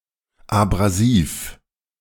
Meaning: abrasive
- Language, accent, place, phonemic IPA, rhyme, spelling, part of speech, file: German, Germany, Berlin, /abʁaˈziːf/, -iːf, abrasiv, adjective, De-abrasiv.ogg